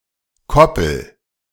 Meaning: inflection of koppeln: 1. first-person singular present 2. singular imperative
- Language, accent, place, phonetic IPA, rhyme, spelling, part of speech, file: German, Germany, Berlin, [ˈkɔpl̩], -ɔpl̩, koppel, verb, De-koppel.ogg